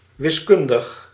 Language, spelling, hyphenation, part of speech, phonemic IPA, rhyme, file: Dutch, wiskundig, wis‧kun‧dig, adjective, /ˌʋɪsˈkʏn.dəx/, -ʏndəx, Nl-wiskundig.ogg
- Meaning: mathematical